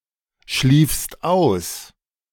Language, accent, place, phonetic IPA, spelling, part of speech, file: German, Germany, Berlin, [ˌʃliːfst ˈaʊ̯s], schliefst aus, verb, De-schliefst aus.ogg
- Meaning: second-person singular preterite of ausschlafen